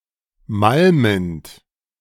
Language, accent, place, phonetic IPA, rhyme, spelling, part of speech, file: German, Germany, Berlin, [ˈmalmənt], -almənt, malmend, verb, De-malmend.ogg
- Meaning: present participle of malmen